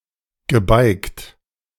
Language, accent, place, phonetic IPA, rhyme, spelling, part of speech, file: German, Germany, Berlin, [ɡəˈbaɪ̯kt], -aɪ̯kt, gebeigt, verb, De-gebeigt.ogg
- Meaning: past participle of beigen